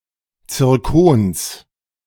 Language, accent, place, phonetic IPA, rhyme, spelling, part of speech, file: German, Germany, Berlin, [t͡sɪʁˈkoːns], -oːns, Zirkons, noun, De-Zirkons.ogg
- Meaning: genitive of Zirkon